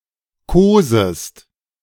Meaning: second-person singular subjunctive I of kosen
- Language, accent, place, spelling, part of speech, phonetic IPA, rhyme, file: German, Germany, Berlin, kosest, verb, [ˈkoːzəst], -oːzəst, De-kosest.ogg